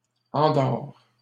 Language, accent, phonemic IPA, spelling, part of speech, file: French, Canada, /ɑ̃.dɔʁ/, endors, verb, LL-Q150 (fra)-endors.wav
- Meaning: inflection of endormir: 1. first/second-person singular present indicative 2. second-person singular imperative